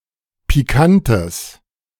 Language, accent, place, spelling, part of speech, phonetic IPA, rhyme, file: German, Germany, Berlin, pikantes, adjective, [piˈkantəs], -antəs, De-pikantes.ogg
- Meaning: strong/mixed nominative/accusative neuter singular of pikant